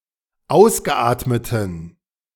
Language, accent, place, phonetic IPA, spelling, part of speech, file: German, Germany, Berlin, [ˈaʊ̯sɡəˌʔaːtmətn̩], ausgeatmeten, adjective, De-ausgeatmeten.ogg
- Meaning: inflection of ausgeatmet: 1. strong genitive masculine/neuter singular 2. weak/mixed genitive/dative all-gender singular 3. strong/weak/mixed accusative masculine singular 4. strong dative plural